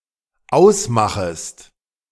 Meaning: second-person singular dependent subjunctive I of ausmachen
- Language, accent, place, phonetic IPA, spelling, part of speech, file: German, Germany, Berlin, [ˈaʊ̯sˌmaxəst], ausmachest, verb, De-ausmachest.ogg